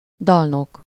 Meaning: 1. singer, songster 2. bard 3. minstrel
- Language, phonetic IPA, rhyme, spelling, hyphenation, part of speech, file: Hungarian, [ˈdɒlnok], -ok, dalnok, dal‧nok, noun, Hu-dalnok.ogg